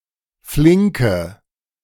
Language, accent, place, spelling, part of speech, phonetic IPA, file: German, Germany, Berlin, flinke, adjective, [ˈflɪŋkə], De-flinke.ogg
- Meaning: inflection of flink: 1. strong/mixed nominative/accusative feminine singular 2. strong nominative/accusative plural 3. weak nominative all-gender singular 4. weak accusative feminine/neuter singular